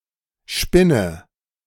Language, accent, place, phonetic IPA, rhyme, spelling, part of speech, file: German, Germany, Berlin, [ˈʃpɪnə], -ɪnə, spinne, verb, De-spinne.ogg
- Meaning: inflection of spinnen: 1. first-person singular present 2. singular imperative 3. first/third-person singular subjunctive I